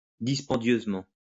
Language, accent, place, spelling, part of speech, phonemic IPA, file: French, France, Lyon, dispendieusement, adverb, /dis.pɑ̃.djøz.mɑ̃/, LL-Q150 (fra)-dispendieusement.wav
- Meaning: expensively